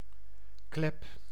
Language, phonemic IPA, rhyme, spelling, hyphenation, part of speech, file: Dutch, /klɛp/, -ɛp, klep, klep, noun / verb, Nl-klep.ogg
- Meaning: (noun) 1. hatch 2. visor 3. valve 4. mouth 5. a rattle used by lepers to alert others of their presence; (verb) inflection of kleppen: first-person singular present indicative